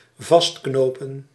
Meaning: to attach or secure with a knot
- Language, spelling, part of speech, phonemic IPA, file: Dutch, vastknopen, verb, /ˈvɑs(t)knopə(n)/, Nl-vastknopen.ogg